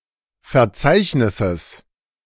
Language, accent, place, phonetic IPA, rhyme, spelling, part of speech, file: German, Germany, Berlin, [fɛɐ̯ˈt͡saɪ̯çnɪsəs], -aɪ̯çnɪsəs, Verzeichnisses, noun, De-Verzeichnisses.ogg
- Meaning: genitive singular of Verzeichnis